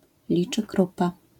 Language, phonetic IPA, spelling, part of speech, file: Polish, [ˌlʲit͡ʃɨˈkrupa], liczykrupa, noun, LL-Q809 (pol)-liczykrupa.wav